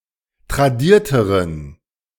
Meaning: inflection of tradiert: 1. strong genitive masculine/neuter singular comparative degree 2. weak/mixed genitive/dative all-gender singular comparative degree
- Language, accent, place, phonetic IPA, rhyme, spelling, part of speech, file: German, Germany, Berlin, [tʁaˈdiːɐ̯təʁən], -iːɐ̯təʁən, tradierteren, adjective, De-tradierteren.ogg